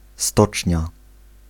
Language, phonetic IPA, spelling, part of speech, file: Polish, [ˈstɔt͡ʃʲɲa], stocznia, noun, Pl-stocznia.ogg